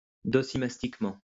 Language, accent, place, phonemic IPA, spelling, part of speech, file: French, France, Lyon, /dɔ.si.mas.tik.mɑ̃/, docimastiquement, adverb, LL-Q150 (fra)-docimastiquement.wav
- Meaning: docimastically